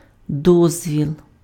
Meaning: 1. permission 2. permit, licence (document rendering something allowed or legal)
- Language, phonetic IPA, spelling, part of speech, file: Ukrainian, [ˈdɔzʲʋʲiɫ], дозвіл, noun, Uk-дозвіл.ogg